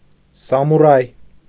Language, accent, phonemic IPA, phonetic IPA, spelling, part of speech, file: Armenian, Eastern Armenian, /sɑmuˈɾɑj/, [sɑmuɾɑ́j], սամուրայ, noun, Hy-սամուրայ.ogg
- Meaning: samurai